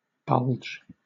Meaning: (noun) 1. An object which is sticking out from a surface; a swelling, protuberant part; a bending outward, especially when caused by pressure 2. The bilge or protuberant part of a cask
- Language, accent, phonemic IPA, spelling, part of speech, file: English, Southern England, /ˈbʌldʒ/, bulge, noun / verb, LL-Q1860 (eng)-bulge.wav